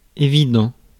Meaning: evident, obvious
- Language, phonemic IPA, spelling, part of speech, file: French, /e.vi.dɑ̃/, évident, adjective, Fr-évident.ogg